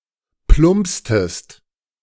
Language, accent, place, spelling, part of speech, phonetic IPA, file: German, Germany, Berlin, plumpstest, verb, [ˈplʊmpstəst], De-plumpstest.ogg
- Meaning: inflection of plumpsen: 1. second-person singular preterite 2. second-person singular subjunctive II